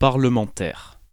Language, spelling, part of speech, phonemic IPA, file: French, parlementaire, adjective / noun, /paʁ.lə.mɑ̃.tɛʁ/, Fr-parlementaire.ogg
- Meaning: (adjective) parliamentary; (noun) parliamentarian